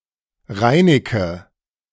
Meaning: 1. Reynard (the fox) 2. a surname
- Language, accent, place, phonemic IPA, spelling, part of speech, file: German, Germany, Berlin, /ˈʁaɪ̯nəkə/, Reineke, proper noun, De-Reineke.ogg